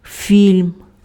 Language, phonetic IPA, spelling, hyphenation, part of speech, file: Ukrainian, [fʲilʲm], фільм, фільм, noun, Uk-фільм.ogg
- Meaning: film, movie